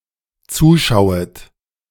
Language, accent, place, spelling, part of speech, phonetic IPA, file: German, Germany, Berlin, zuschauet, verb, [ˈt͡suːˌʃaʊ̯ət], De-zuschauet.ogg
- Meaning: second-person plural dependent subjunctive I of zuschauen